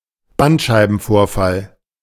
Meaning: spinal disc herniation, slipped disc
- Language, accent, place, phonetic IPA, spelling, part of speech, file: German, Germany, Berlin, [ˈbantʃaɪ̯bn̩ˌfoːɐ̯fal], Bandscheibenvorfall, noun, De-Bandscheibenvorfall.ogg